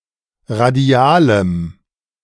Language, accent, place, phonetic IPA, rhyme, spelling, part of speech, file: German, Germany, Berlin, [ʁaˈdi̯aːləm], -aːləm, radialem, adjective, De-radialem.ogg
- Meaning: strong dative masculine/neuter singular of radial